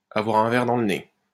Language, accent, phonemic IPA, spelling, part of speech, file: French, France, /a.vwaʁ œ̃ vɛʁ dɑ̃ l(ə) ne/, avoir un verre dans le nez, verb, LL-Q150 (fra)-avoir un verre dans le nez.wav
- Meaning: to be slightly inebriated (tipsy), or rather strongly so (drunk); to have had one too many, to have had a drop too much